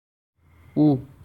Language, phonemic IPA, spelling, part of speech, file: Assamese, /ʊ/, ও, noun / character / conjunction, As-ও.ogg
- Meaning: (noun) file, rasp; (character) The tenth character in the Assamese alphabet; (conjunction) and, also